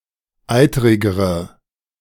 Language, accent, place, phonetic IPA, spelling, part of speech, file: German, Germany, Berlin, [ˈaɪ̯təʁɪɡəʁə], eiterigere, adjective, De-eiterigere.ogg
- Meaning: inflection of eiterig: 1. strong/mixed nominative/accusative feminine singular comparative degree 2. strong nominative/accusative plural comparative degree